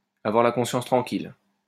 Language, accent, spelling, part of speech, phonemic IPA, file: French, France, avoir la conscience tranquille, verb, /a.vwaʁ la kɔ̃.sjɑ̃s tʁɑ̃.kil/, LL-Q150 (fra)-avoir la conscience tranquille.wav
- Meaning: to have a clear conscience, to have a clean conscience, to have an easy conscience